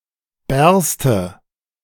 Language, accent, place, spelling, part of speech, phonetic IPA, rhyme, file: German, Germany, Berlin, bärste, verb, [ˈbɛʁstə], -ɛʁstə, De-bärste.ogg
- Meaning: first/third-person singular subjunctive II of bersten